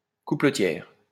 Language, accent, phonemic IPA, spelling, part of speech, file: French, France, /ku.plə.tjɛʁ/, coupletière, noun, LL-Q150 (fra)-coupletière.wav
- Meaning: female equivalent of coupletier